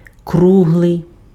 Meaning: round, circular
- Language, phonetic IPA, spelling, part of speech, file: Ukrainian, [ˈkruɦɫei̯], круглий, adjective, Uk-круглий.ogg